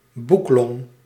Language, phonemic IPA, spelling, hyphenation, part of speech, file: Dutch, /ˈbuk.lɔŋ/, boeklong, boek‧long, noun, Nl-boeklong.ogg
- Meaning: book lung